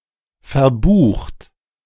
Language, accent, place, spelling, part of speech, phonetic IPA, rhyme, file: German, Germany, Berlin, verbucht, verb, [fɛɐ̯ˈbuːxt], -uːxt, De-verbucht.ogg
- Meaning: 1. past participle of verbuchen 2. inflection of verbuchen: third-person singular present 3. inflection of verbuchen: second-person plural present 4. inflection of verbuchen: plural imperative